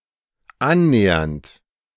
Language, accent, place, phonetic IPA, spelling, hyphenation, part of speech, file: German, Germany, Berlin, [ˈannɛːɐnt], annähernd, an‧nä‧hernd, verb / adverb, De-annähernd.ogg
- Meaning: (verb) present participle of annähern; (adverb) approximately